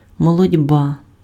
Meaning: threshing
- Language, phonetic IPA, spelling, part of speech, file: Ukrainian, [mɔɫɔdʲˈba], молотьба, noun, Uk-молотьба.ogg